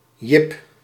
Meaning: a male given name
- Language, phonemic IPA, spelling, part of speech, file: Dutch, /jɪp/, Jip, proper noun, Nl-Jip.ogg